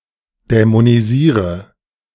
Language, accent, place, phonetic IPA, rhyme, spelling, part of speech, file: German, Germany, Berlin, [dɛmoniˈziːʁə], -iːʁə, dämonisiere, verb, De-dämonisiere.ogg
- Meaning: inflection of dämonisieren: 1. first-person singular present 2. singular imperative 3. first/third-person singular subjunctive I